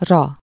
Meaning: 1. onto, on 2. for, by
- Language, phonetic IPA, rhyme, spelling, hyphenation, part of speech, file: Hungarian, [rɒ], -ɒ, -ra, -ra, suffix, Hu--ra.ogg